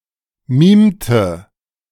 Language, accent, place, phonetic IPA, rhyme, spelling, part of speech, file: German, Germany, Berlin, [ˈmiːmtə], -iːmtə, mimte, verb, De-mimte.ogg
- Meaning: inflection of mimen: 1. first/third-person singular preterite 2. first/third-person singular subjunctive II